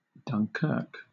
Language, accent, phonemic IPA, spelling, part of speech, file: English, Southern England, /dʌnˈkɜːk/, Dunkirk, proper noun, LL-Q1860 (eng)-Dunkirk.wav
- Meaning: 1. A town in Nord department, Hauts-de-France, France 2. A place in England: A hamlet in Downham parish, East Cambridgeshire district, Cambridgeshire (OS grid ref TL5186)